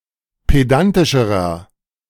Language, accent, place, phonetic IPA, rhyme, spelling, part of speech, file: German, Germany, Berlin, [ˌpeˈdantɪʃəʁɐ], -antɪʃəʁɐ, pedantischerer, adjective, De-pedantischerer.ogg
- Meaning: inflection of pedantisch: 1. strong/mixed nominative masculine singular comparative degree 2. strong genitive/dative feminine singular comparative degree 3. strong genitive plural comparative degree